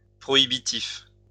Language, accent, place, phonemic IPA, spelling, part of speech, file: French, France, Lyon, /pʁɔ.i.bi.tif/, prohibitif, adjective, LL-Q150 (fra)-prohibitif.wav
- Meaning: prohibitive